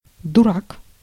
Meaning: 1. fool, simpleton, idiot (stupid person with poor judgment) 2. durak (a simple card game in which the last player holding cards in their hand is the loser)
- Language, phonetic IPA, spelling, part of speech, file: Russian, [dʊˈrak], дурак, noun, Ru-дурак.ogg